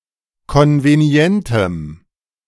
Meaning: strong dative masculine/neuter singular of konvenient
- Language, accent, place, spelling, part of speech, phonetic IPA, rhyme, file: German, Germany, Berlin, konvenientem, adjective, [ˌkɔnveˈni̯ɛntəm], -ɛntəm, De-konvenientem.ogg